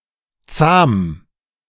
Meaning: tame
- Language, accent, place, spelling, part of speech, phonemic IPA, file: German, Germany, Berlin, zahm, adjective, /t͡saːm/, De-zahm.ogg